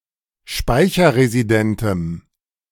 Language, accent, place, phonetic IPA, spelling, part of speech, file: German, Germany, Berlin, [ˈʃpaɪ̯çɐʁeziˌdɛntəm], speicherresidentem, adjective, De-speicherresidentem.ogg
- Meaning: strong dative masculine/neuter singular of speicherresident